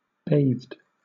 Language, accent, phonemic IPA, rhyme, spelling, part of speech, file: English, Southern England, /beɪðd/, -eɪðd, bathed, verb / adjective, LL-Q1860 (eng)-bathed.wav
- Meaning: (verb) simple past and past participle of bathe; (adjective) clean after having bathed